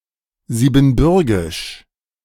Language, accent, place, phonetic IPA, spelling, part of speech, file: German, Germany, Berlin, [ziːbn̩ˈbʏʁɡɪʃ], siebenbürgisch, adjective, De-siebenbürgisch.ogg
- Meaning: Transylvanian